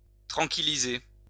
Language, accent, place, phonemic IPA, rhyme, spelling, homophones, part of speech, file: French, France, Lyon, /tʁɑ̃.ki.li.ze/, -e, tranquilliser, tranquillisai / tranquillisé / tranquillisée / tranquillisées / tranquillisés / tranquillisez, verb, LL-Q150 (fra)-tranquilliser.wav
- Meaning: to calm, to reassure